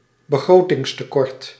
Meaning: budget deficit
- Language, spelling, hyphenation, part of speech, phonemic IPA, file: Dutch, begrotingstekort, be‧gro‧tings‧te‧kort, noun, /bəˈɣroː.tɪŋs.təˌkɔrt/, Nl-begrotingstekort.ogg